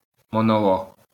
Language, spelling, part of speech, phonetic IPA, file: Ukrainian, монолог, noun, [mɔnɔˈɫɔɦ], LL-Q8798 (ukr)-монолог.wav
- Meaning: monologue/monolog